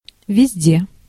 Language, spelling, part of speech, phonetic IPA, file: Russian, везде, adverb, [vʲɪzʲˈdʲe], Ru-везде.ogg
- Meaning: 1. everywhere 2. anywhere 3. throughout